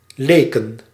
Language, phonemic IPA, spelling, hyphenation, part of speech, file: Dutch, /ˈleː.kə(n)/, leken, le‧ken, noun / verb, Nl-leken.ogg
- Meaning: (noun) plural of leek; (verb) inflection of lijken: 1. plural past indicative 2. plural past subjunctive